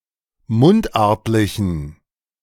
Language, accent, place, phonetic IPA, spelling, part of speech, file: German, Germany, Berlin, [ˈmʊntˌʔaʁtlɪçn̩], mundartlichen, adjective, De-mundartlichen.ogg
- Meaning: inflection of mundartlich: 1. strong genitive masculine/neuter singular 2. weak/mixed genitive/dative all-gender singular 3. strong/weak/mixed accusative masculine singular 4. strong dative plural